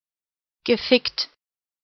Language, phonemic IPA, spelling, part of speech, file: German, /ɡəˈfɪkt/, gefickt, verb, De-gefickt.ogg
- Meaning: past participle of ficken